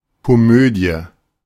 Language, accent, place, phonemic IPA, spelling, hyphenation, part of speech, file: German, Germany, Berlin, /koˈmøːdi̯ə/, Komödie, Ko‧mö‧die, noun, De-Komödie.ogg
- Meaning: comedy